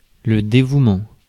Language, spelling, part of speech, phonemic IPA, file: French, dévouement, noun, /de.vu.mɑ̃/, Fr-dévouement.ogg
- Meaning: 1. dedication, commitment (to duty); self-sacrifice 2. devotion, devotedness